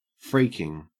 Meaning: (adjective) 1. Fucking 2. Freakish; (verb) present participle and gerund of freak; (noun) 1. A streak or variegation in a pattern 2. A sexual style of dance similar to daggering
- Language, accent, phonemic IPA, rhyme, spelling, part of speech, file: English, Australia, /ˈfɹiːkɪŋ/, -iːkɪŋ, freaking, adjective / adverb / verb / noun, En-au-freaking.ogg